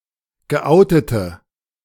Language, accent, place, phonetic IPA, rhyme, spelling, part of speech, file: German, Germany, Berlin, [ɡəˈʔaʊ̯tətə], -aʊ̯tətə, geoutete, adjective, De-geoutete.ogg
- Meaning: inflection of geoutet: 1. strong/mixed nominative/accusative feminine singular 2. strong nominative/accusative plural 3. weak nominative all-gender singular 4. weak accusative feminine/neuter singular